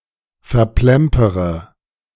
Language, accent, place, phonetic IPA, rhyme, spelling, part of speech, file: German, Germany, Berlin, [fɛɐ̯ˈplɛmpəʁə], -ɛmpəʁə, verplempere, verb, De-verplempere.ogg
- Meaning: inflection of verplempern: 1. first-person singular present 2. first-person plural subjunctive I 3. third-person singular subjunctive I 4. singular imperative